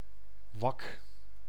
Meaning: a hole in ice (on the surface of a body of water)
- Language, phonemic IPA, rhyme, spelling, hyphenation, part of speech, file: Dutch, /ʋɑk/, -ɑk, wak, wak, noun, Nl-wak.ogg